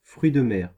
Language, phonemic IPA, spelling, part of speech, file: French, /fʁɥi d(ə) mɛʁ/, fruit de mer, noun, Fr-fruit de mer.ogg
- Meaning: a piece of seafood